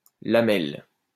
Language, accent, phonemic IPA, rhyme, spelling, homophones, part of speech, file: French, France, /la.mɛl/, -ɛl, lamelle, lamelles, noun, LL-Q150 (fra)-lamelle.wav
- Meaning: 1. strip (of food etc.) 2. thin plate, lamina, lamella 3. vertical blinds